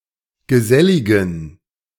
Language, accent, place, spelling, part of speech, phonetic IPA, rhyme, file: German, Germany, Berlin, geselligen, adjective, [ɡəˈzɛlɪɡn̩], -ɛlɪɡn̩, De-geselligen.ogg
- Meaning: inflection of gesellig: 1. strong genitive masculine/neuter singular 2. weak/mixed genitive/dative all-gender singular 3. strong/weak/mixed accusative masculine singular 4. strong dative plural